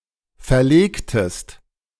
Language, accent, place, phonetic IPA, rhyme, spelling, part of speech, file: German, Germany, Berlin, [fɛɐ̯ˈleːktəst], -eːktəst, verlegtest, verb, De-verlegtest.ogg
- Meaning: inflection of verlegen: 1. second-person singular preterite 2. second-person singular subjunctive II